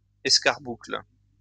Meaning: carbuncle
- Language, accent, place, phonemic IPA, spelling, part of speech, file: French, France, Lyon, /ɛs.kaʁ.bukl/, escarboucle, noun, LL-Q150 (fra)-escarboucle.wav